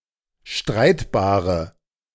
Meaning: inflection of streitbar: 1. strong/mixed nominative/accusative feminine singular 2. strong nominative/accusative plural 3. weak nominative all-gender singular
- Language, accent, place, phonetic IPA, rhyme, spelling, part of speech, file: German, Germany, Berlin, [ˈʃtʁaɪ̯tbaːʁə], -aɪ̯tbaːʁə, streitbare, adjective, De-streitbare.ogg